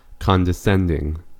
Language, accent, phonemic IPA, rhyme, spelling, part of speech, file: English, US, /ˌkɑndəˈsɛndɪŋ/, -ɛndɪŋ, condescending, adjective / noun / verb, En-us-condescending.ogg
- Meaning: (adjective) Assuming a tone of superiority, or a patronizing attitude; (noun) An act of condescension; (verb) present participle and gerund of condescend